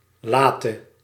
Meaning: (adjective) inflection of laat: 1. masculine/feminine singular attributive 2. definite neuter singular attributive 3. plural attributive; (verb) singular present subjunctive of laten
- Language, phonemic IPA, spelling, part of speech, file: Dutch, /ˈlaːtə/, late, adjective / verb, Nl-late.ogg